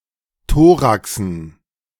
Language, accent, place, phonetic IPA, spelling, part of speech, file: German, Germany, Berlin, [ˈtoːʁaksn̩], Thoraxen, noun, De-Thoraxen.ogg
- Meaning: dative plural of Thorax